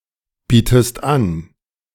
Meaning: inflection of anbieten: 1. second-person singular present 2. second-person singular subjunctive I
- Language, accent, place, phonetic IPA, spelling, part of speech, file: German, Germany, Berlin, [ˌbiːtəst ˈan], bietest an, verb, De-bietest an.ogg